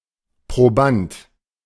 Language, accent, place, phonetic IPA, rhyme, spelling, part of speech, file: German, Germany, Berlin, [pʁoˈbant], -ant, Proband, noun, De-Proband.ogg
- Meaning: 1. subject, experimentee 2. proband